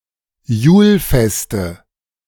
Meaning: nominative/accusative/genitive plural of Julfest
- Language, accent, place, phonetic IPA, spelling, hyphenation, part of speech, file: German, Germany, Berlin, [ˈjuːlˌfɛstə], Julfeste, Jul‧fes‧te, noun, De-Julfeste.ogg